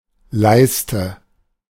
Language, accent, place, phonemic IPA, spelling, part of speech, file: German, Germany, Berlin, /ˈlaɪ̯stə/, Leiste, noun, De-Leiste.ogg
- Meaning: 1. lath used as covering or support; skirting board; ledge, ledger 2. row of buttons, switches, or similar elements 3. groin 4. bar